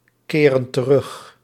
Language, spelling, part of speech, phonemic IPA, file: Dutch, keren terug, verb, /ˈkerə(n) t(ə)ˈrʏx/, Nl-keren terug.ogg
- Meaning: inflection of terugkeren: 1. plural present indicative 2. plural present subjunctive